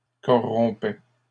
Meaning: third-person plural imperfect indicative of corrompre
- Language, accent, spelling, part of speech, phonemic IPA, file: French, Canada, corrompaient, verb, /kɔ.ʁɔ̃.pɛ/, LL-Q150 (fra)-corrompaient.wav